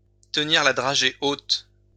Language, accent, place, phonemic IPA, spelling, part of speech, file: French, France, Lyon, /tə.niʁ la dʁa.ʒe ot/, tenir la dragée haute, verb, LL-Q150 (fra)-tenir la dragée haute.wav
- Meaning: to confront resolutely